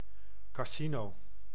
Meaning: casino, gambling house
- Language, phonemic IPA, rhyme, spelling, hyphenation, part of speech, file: Dutch, /kaːˈzi.noː/, -inoː, casino, ca‧si‧no, noun, Nl-casino.ogg